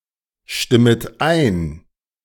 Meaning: second-person plural subjunctive I of einstimmen
- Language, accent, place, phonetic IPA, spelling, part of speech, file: German, Germany, Berlin, [ˌʃtɪmət ˈaɪ̯n], stimmet ein, verb, De-stimmet ein.ogg